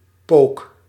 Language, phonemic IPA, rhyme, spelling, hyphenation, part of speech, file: Dutch, /poːk/, -oːk, pook, pook, noun, Nl-pook.ogg
- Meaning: 1. poker (stick to kindle the fire in a fireplace) 2. gearstick